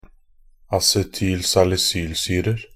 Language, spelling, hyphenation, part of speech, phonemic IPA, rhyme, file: Norwegian Bokmål, acetylsalisylsyrer, a‧ce‧tyl‧sal‧i‧syl‧syr‧er, noun, /asɛtyːl.salɪˈsyːlsyːrər/, -ər, Nb-acetylsalisylsyrer.ogg
- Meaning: indefinite plural of acetylsalisylsyre